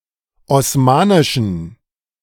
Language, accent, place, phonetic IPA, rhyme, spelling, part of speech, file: German, Germany, Berlin, [ɔsˈmaːnɪʃn̩], -aːnɪʃn̩, osmanischen, adjective, De-osmanischen.ogg
- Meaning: inflection of osmanisch: 1. strong genitive masculine/neuter singular 2. weak/mixed genitive/dative all-gender singular 3. strong/weak/mixed accusative masculine singular 4. strong dative plural